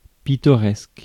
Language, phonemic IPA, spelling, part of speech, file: French, /pi.tɔ.ʁɛsk/, pittoresque, adjective / noun, Fr-pittoresque.ogg
- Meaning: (adjective) picturesque; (noun) someone or something that is picturesque